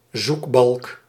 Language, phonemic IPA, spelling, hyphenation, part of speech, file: Dutch, /ˈzuk.bɑlk/, zoekbalk, zoek‧balk, noun, Nl-zoekbalk.ogg
- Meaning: search bar